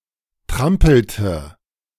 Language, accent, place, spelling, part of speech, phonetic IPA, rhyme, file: German, Germany, Berlin, trampelte, verb, [ˈtʁampl̩tə], -ampl̩tə, De-trampelte.ogg
- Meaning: inflection of trampeln: 1. first/third-person singular preterite 2. first/third-person singular subjunctive II